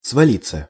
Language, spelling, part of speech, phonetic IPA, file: Russian, свалиться, verb, [svɐˈlʲit͡sːə], Ru-свалиться.ogg
- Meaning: 1. to fall down 2. to be ill in bed 3. to collapse 4. passive of свали́ть (svalítʹ)